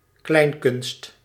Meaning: a musical and/or comedic kind of theatre such as cabaret
- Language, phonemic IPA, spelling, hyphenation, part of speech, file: Dutch, /ˈklɛi̯n.kʏnst/, kleinkunst, klein‧kunst, noun, Nl-kleinkunst.ogg